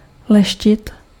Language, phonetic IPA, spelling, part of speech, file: Czech, [ˈlɛʃcɪt], leštit, verb, Cs-leštit.ogg
- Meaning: to polish